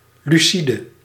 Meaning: lucid
- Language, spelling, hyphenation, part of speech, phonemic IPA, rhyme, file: Dutch, lucide, lu‧ci‧de, adjective, /ˌlyˈsi.də/, -idə, Nl-lucide.ogg